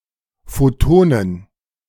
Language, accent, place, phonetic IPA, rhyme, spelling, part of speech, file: German, Germany, Berlin, [ˈfotoːnən], -oːnən, Photonen, noun, De-Photonen.ogg
- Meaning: plural of Photon